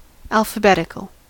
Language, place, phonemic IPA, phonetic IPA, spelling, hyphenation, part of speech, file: English, California, /ˌælfəˈbɛtɪkəl/, [ˌælfəˈbɛɾɪkəl], alphabetical, al‧pha‧bet‧ic‧al, adjective / noun, En-us-alphabetical.ogg
- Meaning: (adjective) 1. Pertaining to, furnished with, or expressed by letters of the alphabet 2. According to the sequence of the letters of the alphabet 3. literal; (noun) Ellipsis of alphabetical jigsaw